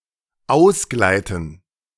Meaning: to slip (to lose traction with one or both feet, resulting in a loss of balance and perhaps a fall)
- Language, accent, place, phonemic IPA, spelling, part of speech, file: German, Germany, Berlin, /ˈaʊ̯s.ɡlaɪ̯tən/, ausgleiten, verb, De-ausgleiten.ogg